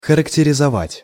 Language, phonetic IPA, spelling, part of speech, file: Russian, [xərəktʲɪrʲɪzɐˈvatʲ], характеризовать, verb, Ru-характеризовать.ogg
- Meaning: 1. to characterize 2. to describe 3. to be typical of